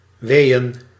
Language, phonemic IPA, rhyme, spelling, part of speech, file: Dutch, /ˈʋeːən/, -eːən, weeën, noun, Nl-weeën.ogg
- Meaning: plural of wee